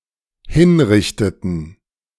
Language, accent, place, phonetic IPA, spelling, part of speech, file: German, Germany, Berlin, [ˈhɪnˌʁɪçtətn̩], hinrichteten, verb, De-hinrichteten.ogg
- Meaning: inflection of hinrichten: 1. first/third-person plural dependent preterite 2. first/third-person plural dependent subjunctive II